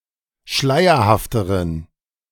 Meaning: inflection of schleierhaft: 1. strong genitive masculine/neuter singular comparative degree 2. weak/mixed genitive/dative all-gender singular comparative degree
- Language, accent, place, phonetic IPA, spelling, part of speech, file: German, Germany, Berlin, [ˈʃlaɪ̯ɐhaftəʁən], schleierhafteren, adjective, De-schleierhafteren.ogg